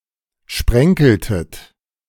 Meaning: inflection of sprenkeln: 1. second-person plural preterite 2. second-person plural subjunctive II
- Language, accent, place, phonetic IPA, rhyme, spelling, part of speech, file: German, Germany, Berlin, [ˈʃpʁɛŋkl̩tət], -ɛŋkl̩tət, sprenkeltet, verb, De-sprenkeltet.ogg